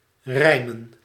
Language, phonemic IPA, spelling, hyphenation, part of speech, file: Dutch, /ˈrɛi̯.mə(n)/, rijmen, rij‧men, verb / noun, Nl-rijmen.ogg
- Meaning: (verb) 1. to rhyme (to have a rhyme with another word) 2. to rhyme, to speak or write rhymes 3. to agree, to correspond 4. to bring into agreement, to reconcile; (noun) plural of rijm